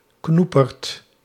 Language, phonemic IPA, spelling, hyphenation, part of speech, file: Dutch, /ˈknu.pərt/, knoeperd, knoe‧perd, noun, Nl-knoeperd.ogg
- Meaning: a whopper, something particularly large